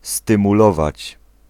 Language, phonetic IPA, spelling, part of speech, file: Polish, [ˌstɨ̃muˈlɔvat͡ɕ], stymulować, verb, Pl-stymulować.ogg